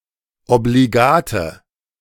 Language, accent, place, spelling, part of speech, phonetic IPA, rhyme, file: German, Germany, Berlin, obligate, adjective, [obliˈɡaːtə], -aːtə, De-obligate.ogg
- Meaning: inflection of obligat: 1. strong/mixed nominative/accusative feminine singular 2. strong nominative/accusative plural 3. weak nominative all-gender singular 4. weak accusative feminine/neuter singular